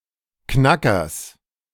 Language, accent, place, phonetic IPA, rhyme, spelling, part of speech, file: German, Germany, Berlin, [ˈknakɐs], -akɐs, Knackers, noun, De-Knackers.ogg
- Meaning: genitive singular of Knacker